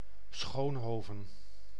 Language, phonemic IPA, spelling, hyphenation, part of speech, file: Dutch, /ˈsxoːnˌɦoː.və(n)/, Schoonhoven, Schoon‧ho‧ven, proper noun, Nl-Schoonhoven.ogg
- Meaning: a city and former municipality of Krimpenerwaard, South Holland, Netherlands